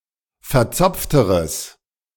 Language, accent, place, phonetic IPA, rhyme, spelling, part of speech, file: German, Germany, Berlin, [fɛɐ̯ˈt͡sɔp͡ftəʁəs], -ɔp͡ftəʁəs, verzopfteres, adjective, De-verzopfteres.ogg
- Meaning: strong/mixed nominative/accusative neuter singular comparative degree of verzopft